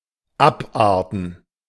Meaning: to deviate, to degenerate
- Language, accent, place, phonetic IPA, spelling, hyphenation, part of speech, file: German, Germany, Berlin, [ˈapˌʔaːɐ̯tn̩], abarten, ab‧ar‧ten, verb, De-abarten.ogg